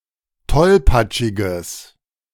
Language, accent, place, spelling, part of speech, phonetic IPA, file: German, Germany, Berlin, tollpatschiges, adjective, [ˈtɔlpat͡ʃɪɡəs], De-tollpatschiges.ogg
- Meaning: strong/mixed nominative/accusative neuter singular of tollpatschig